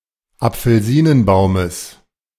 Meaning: genitive singular of Apfelsinenbaum
- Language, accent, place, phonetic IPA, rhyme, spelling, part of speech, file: German, Germany, Berlin, [ap͡fl̩ˈziːnənˌbaʊ̯məs], -iːnənbaʊ̯məs, Apfelsinenbaumes, noun, De-Apfelsinenbaumes.ogg